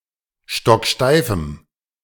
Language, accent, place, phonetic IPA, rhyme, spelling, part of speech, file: German, Germany, Berlin, [ˌʃtɔkˈʃtaɪ̯fm̩], -aɪ̯fm̩, stocksteifem, adjective, De-stocksteifem.ogg
- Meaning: strong dative masculine/neuter singular of stocksteif